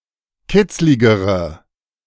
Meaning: inflection of kitzlig: 1. strong/mixed nominative/accusative feminine singular comparative degree 2. strong nominative/accusative plural comparative degree
- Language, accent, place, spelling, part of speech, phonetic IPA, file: German, Germany, Berlin, kitzligere, adjective, [ˈkɪt͡slɪɡəʁə], De-kitzligere.ogg